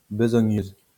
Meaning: feminine singular of besogneux
- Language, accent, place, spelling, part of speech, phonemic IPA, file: French, France, Lyon, besogneuse, adjective, /bə.zɔ.ɲøz/, LL-Q150 (fra)-besogneuse.wav